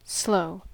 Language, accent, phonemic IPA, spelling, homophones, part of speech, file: English, US, /sloʊ/, slow, sloe, adjective / verb / noun / adverb, En-us-slow.ogg
- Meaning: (adjective) Taking a long time to move or go a short distance, or to perform an action; not quick in motion; proceeding at a low speed